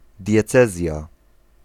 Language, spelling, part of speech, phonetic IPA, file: Polish, diecezja, noun, [dʲjɛˈt͡sɛzʲja], Pl-diecezja.ogg